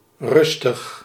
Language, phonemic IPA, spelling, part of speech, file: Dutch, /ˈrʏs.təx/, rustig, adjective / adverb, Nl-rustig.ogg
- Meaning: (adjective) 1. calm, tranquil, quiet 2. taking one's time, not hurried; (adverb) 1. calmly, tranquilly, quietly 2. unhurriedly, leisurely